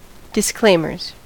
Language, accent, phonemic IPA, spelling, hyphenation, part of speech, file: English, US, /dɪsˈkleɪm.ɚz/, disclaimers, dis‧claim‧ers, noun, En-us-disclaimers.ogg
- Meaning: plural of disclaimer